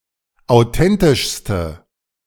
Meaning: inflection of authentisch: 1. strong/mixed nominative/accusative feminine singular superlative degree 2. strong nominative/accusative plural superlative degree
- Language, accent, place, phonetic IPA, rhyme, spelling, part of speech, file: German, Germany, Berlin, [aʊ̯ˈtɛntɪʃstə], -ɛntɪʃstə, authentischste, adjective, De-authentischste.ogg